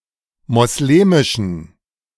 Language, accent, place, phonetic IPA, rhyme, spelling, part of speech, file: German, Germany, Berlin, [mɔsˈleːmɪʃn̩], -eːmɪʃn̩, moslemischen, adjective, De-moslemischen.ogg
- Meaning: inflection of moslemisch: 1. strong genitive masculine/neuter singular 2. weak/mixed genitive/dative all-gender singular 3. strong/weak/mixed accusative masculine singular 4. strong dative plural